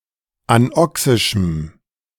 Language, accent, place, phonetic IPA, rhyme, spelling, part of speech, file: German, Germany, Berlin, [anˈɔksɪʃm̩], -ɔksɪʃm̩, anoxischem, adjective, De-anoxischem.ogg
- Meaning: strong dative masculine/neuter singular of anoxisch